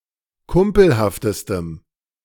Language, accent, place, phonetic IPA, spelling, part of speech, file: German, Germany, Berlin, [ˈkʊmpl̩haftəstəm], kumpelhaftestem, adjective, De-kumpelhaftestem.ogg
- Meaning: strong dative masculine/neuter singular superlative degree of kumpelhaft